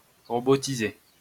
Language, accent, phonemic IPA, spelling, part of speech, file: French, France, /ʁɔ.bɔ.ti.ze/, robotiser, verb, LL-Q150 (fra)-robotiser.wav
- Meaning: 1. to robotize 2. to automate